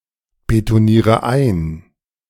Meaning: inflection of einbetonieren: 1. first-person singular present 2. first/third-person singular subjunctive I 3. singular imperative
- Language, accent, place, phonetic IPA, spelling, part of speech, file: German, Germany, Berlin, [betoˌniːʁə ˈaɪ̯n], betoniere ein, verb, De-betoniere ein.ogg